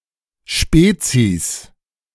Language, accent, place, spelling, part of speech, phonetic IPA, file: German, Germany, Berlin, Spezis, noun, [ˈʃpeːt͡sis], De-Spezis.ogg
- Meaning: 1. genitive singular of Spezi 2. plural of Spezi